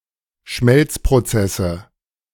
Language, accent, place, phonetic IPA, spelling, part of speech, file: German, Germany, Berlin, [ˈʃmɛlt͡spʁoˌt͡sɛsə], Schmelzprozesse, noun, De-Schmelzprozesse.ogg
- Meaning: nominative/accusative/genitive plural of Schmelzprozess